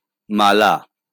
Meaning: necklace
- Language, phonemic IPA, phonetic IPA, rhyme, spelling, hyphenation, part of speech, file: Bengali, /ma.la/, [ˈma.la], -ala, মালা, মা‧লা, noun, LL-Q9610 (ben)-মালা.wav